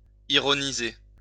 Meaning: 1. to be ironic 2. to say ironically
- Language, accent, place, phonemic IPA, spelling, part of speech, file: French, France, Lyon, /i.ʁɔ.ni.ze/, ironiser, verb, LL-Q150 (fra)-ironiser.wav